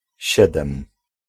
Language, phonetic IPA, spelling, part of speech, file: Polish, [ˈɕɛdɛ̃m], siedem, adjective, Pl-siedem.ogg